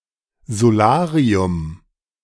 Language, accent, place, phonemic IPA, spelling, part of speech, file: German, Germany, Berlin, /zoˈlaːri̯ʊm/, Solarium, noun, De-Solarium.ogg
- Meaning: 1. sunbed, tanning bed (device emitting ultraviolet radiation) 2. solarium, tanning salon (establishment where one can rent sunbeds)